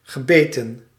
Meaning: past participle of bijten
- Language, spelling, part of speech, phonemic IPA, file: Dutch, gebeten, verb, /ɣəˈbeːtə(n)/, Nl-gebeten.ogg